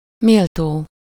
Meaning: worthy, deserving (of something: -ra/-re)
- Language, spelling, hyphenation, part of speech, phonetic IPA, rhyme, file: Hungarian, méltó, mél‧tó, adjective, [ˈmeːltoː], -toː, Hu-méltó.ogg